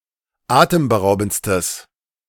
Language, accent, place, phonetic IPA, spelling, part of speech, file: German, Germany, Berlin, [ˈaːtəmbəˌʁaʊ̯bn̩t͡stəs], atemberaubendstes, adjective, De-atemberaubendstes.ogg
- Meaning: strong/mixed nominative/accusative neuter singular superlative degree of atemberaubend